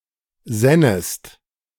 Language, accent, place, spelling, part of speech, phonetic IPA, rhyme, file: German, Germany, Berlin, sännest, verb, [ˈzɛnəst], -ɛnəst, De-sännest.ogg
- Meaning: second-person singular subjunctive II of sinnen